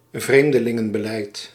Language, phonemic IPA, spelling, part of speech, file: Dutch, /ˈvremdəˌlɪŋə(n)bəˌlɛit/, vreemdelingenbeleid, noun, Nl-vreemdelingenbeleid.ogg
- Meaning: immigration policy